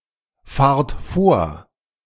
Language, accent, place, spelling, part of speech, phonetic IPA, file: German, Germany, Berlin, fahrt vor, verb, [ˌfaːɐ̯t ˈfoːɐ̯], De-fahrt vor.ogg
- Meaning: second-person plural present of vorfahren